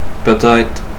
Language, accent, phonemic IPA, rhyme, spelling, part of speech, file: French, Quebec, /pø.t‿ɛtʁ/, -ɛtʁ, peut-être, adverb, Qc-peut-être.oga
- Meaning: maybe, perhaps